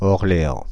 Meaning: Orleans (the capital city of Loiret department, France; the capital city of the region of Centre-Val de Loire)
- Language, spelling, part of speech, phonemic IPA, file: French, Orléans, proper noun, /ɔʁ.le.ɑ̃/, Fr-Orléans.ogg